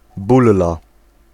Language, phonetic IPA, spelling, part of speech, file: Polish, [ˈbulːa], bulla, noun, Pl-bulla.ogg